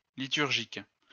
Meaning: liturgic, liturgical
- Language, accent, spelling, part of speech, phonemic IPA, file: French, France, liturgique, adjective, /li.tyʁ.ʒik/, LL-Q150 (fra)-liturgique.wav